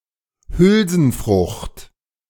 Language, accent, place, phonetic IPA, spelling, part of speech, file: German, Germany, Berlin, [ˈhʏlzn̩ˌfʁʊxt], Hülsenfrucht, noun, De-Hülsenfrucht.ogg
- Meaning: legume